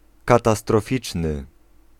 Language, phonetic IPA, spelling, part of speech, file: Polish, [ˌkatastrɔˈfʲit͡ʃnɨ], katastroficzny, adjective, Pl-katastroficzny.ogg